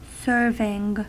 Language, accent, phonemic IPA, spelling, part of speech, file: English, US, /ˈsɝvɪŋ/, serving, noun / verb, En-us-serving.ogg
- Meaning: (noun) 1. The act or process of serving 2. An instance of that act or process 3. The quantity of food or drink intended for one person in a single sitting; especially in relation to a meal